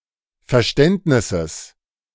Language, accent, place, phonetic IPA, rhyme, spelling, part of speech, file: German, Germany, Berlin, [fɛɐ̯ˈʃtɛntnɪsəs], -ɛntnɪsəs, Verständnisses, noun, De-Verständnisses.ogg
- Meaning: genitive singular of Verständnis